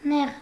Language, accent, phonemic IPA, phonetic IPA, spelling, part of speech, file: Armenian, Eastern Armenian, /neʁ/, [neʁ], նեղ, adjective, Hy-նեղ.ogg
- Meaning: 1. narrow 2. tight